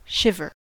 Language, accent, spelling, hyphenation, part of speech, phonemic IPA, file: English, US, shiver, shi‧ver, verb / noun, /ˈʃɪvɚ/, En-us-shiver.ogg
- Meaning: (verb) 1. To tremble or shake, especially when cold or frightened 2. To cause to shake or tremble, as a sail, by steering close to the wind; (noun) The act of shivering